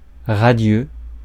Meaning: radiant
- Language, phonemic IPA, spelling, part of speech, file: French, /ʁa.djø/, radieux, adjective, Fr-radieux.ogg